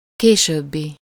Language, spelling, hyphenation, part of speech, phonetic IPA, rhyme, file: Hungarian, későbbi, ké‧sőb‧bi, adjective, [ˈkeːʃøːbːi], -bi, Hu-későbbi.ogg
- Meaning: later, future